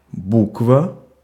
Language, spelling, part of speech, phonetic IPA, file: Russian, буква, noun, [ˈbukvə], Ru-буква.ogg
- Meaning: letter (a symbol in an alphabet)